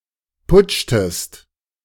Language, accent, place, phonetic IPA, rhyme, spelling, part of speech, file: German, Germany, Berlin, [ˈpʊt͡ʃtəst], -ʊt͡ʃtəst, putschtest, verb, De-putschtest.ogg
- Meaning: inflection of putschen: 1. second-person singular preterite 2. second-person singular subjunctive II